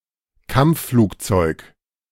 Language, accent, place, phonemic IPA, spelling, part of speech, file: German, Germany, Berlin, /ˈkamp͡ffluːkˌt͡sɔɪ̯k/, Kampfflugzeug, noun, De-Kampfflugzeug.ogg
- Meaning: 1. combat aircraft; fighter plane 2. bomber (aircraft)